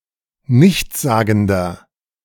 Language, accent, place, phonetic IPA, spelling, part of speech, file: German, Germany, Berlin, [ˈnɪçt͡sˌzaːɡn̩dɐ], nichtssagender, adjective, De-nichtssagender.ogg
- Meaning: 1. comparative degree of nichtssagend 2. inflection of nichtssagend: strong/mixed nominative masculine singular 3. inflection of nichtssagend: strong genitive/dative feminine singular